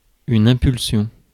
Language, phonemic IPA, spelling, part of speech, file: French, /ɛ̃.pyl.sjɔ̃/, impulsion, noun, Fr-impulsion.ogg
- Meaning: 1. impulse 2. impulsion, drive, impetus 3. electric pulse, momentum